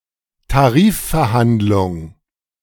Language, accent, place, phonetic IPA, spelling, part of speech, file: German, Germany, Berlin, [taˈʁiːffɛɐ̯ˌhandlʊŋ], Tarifverhandlung, noun, De-Tarifverhandlung.ogg
- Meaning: collective bargaining